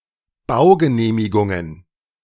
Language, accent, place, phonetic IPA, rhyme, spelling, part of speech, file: German, Germany, Berlin, [ˈbaʊ̯ɡəˌneːmɪɡʊŋən], -aʊ̯ɡəneːmɪɡʊŋən, Baugenehmigungen, noun, De-Baugenehmigungen.ogg
- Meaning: plural of Baugenehmigung